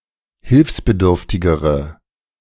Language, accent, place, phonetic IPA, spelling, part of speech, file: German, Germany, Berlin, [ˈhɪlfsbəˌdʏʁftɪɡəʁə], hilfsbedürftigere, adjective, De-hilfsbedürftigere.ogg
- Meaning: inflection of hilfsbedürftig: 1. strong/mixed nominative/accusative feminine singular comparative degree 2. strong nominative/accusative plural comparative degree